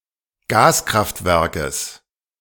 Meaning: genitive singular of Gaskraftwerk
- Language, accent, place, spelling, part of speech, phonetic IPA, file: German, Germany, Berlin, Gaskraftwerkes, noun, [ˈɡaːsˌkʁaftvɛʁkəs], De-Gaskraftwerkes.ogg